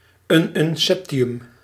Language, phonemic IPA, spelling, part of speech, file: Dutch, /ˌynʏnˈsɛptiˌjʏm/, ununseptium, noun, Nl-ununseptium.ogg
- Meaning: ununseptium